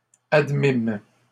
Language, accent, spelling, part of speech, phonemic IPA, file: French, Canada, admîmes, verb, /ad.mim/, LL-Q150 (fra)-admîmes.wav
- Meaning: first-person plural past historic of admettre